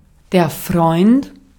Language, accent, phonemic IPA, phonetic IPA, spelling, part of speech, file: German, Austria, /frɔʏ̯nt/, [fʁɔʏ̯nt], Freund, noun / proper noun, De-at-Freund.ogg
- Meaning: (noun) 1. friend 2. boyfriend 3. blood relative (in the sense of a person that is or should be one’s friend by nature); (proper noun) a surname